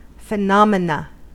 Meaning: 1. plural of phenomenon 2. A phenomenon
- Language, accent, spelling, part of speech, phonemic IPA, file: English, US, phenomena, noun, /fɪˈnɑm.ɪ.nə/, En-us-phenomena.ogg